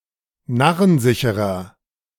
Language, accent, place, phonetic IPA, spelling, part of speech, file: German, Germany, Berlin, [ˈnaʁənˌzɪçəʁɐ], narrensicherer, adjective, De-narrensicherer.ogg
- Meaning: 1. comparative degree of narrensicher 2. inflection of narrensicher: strong/mixed nominative masculine singular 3. inflection of narrensicher: strong genitive/dative feminine singular